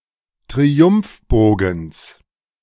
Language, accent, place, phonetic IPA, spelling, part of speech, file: German, Germany, Berlin, [tʁiˈʊmfˌboːɡn̩s], Triumphbogens, noun, De-Triumphbogens.ogg
- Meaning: genitive singular of Triumphbogen